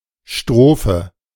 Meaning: 1. stanza (a unit of a poem) 2. verse (a section of a song)
- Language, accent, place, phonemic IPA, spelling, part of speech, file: German, Germany, Berlin, /ˈʃtʁoːfə/, Strophe, noun, De-Strophe.ogg